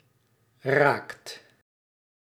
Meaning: inflection of raken: 1. second/third-person singular present indicative 2. plural imperative
- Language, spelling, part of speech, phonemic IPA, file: Dutch, raakt, verb, /raːkt/, Nl-raakt.ogg